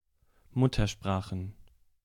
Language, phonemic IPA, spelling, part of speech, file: German, /ˈmʊtɐˌʃpʁaːxən/, Muttersprachen, noun, De-Muttersprachen.ogg
- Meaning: plural of Muttersprache